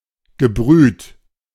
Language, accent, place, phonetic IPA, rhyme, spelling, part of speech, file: German, Germany, Berlin, [ɡəˈbʁyːt], -yːt, gebrüht, verb, De-gebrüht.ogg
- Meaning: past participle of brühen